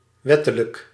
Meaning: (adjective) legal; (adverb) legally
- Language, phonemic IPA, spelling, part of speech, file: Dutch, /ˈwɛtələk/, wettelijk, adjective, Nl-wettelijk.ogg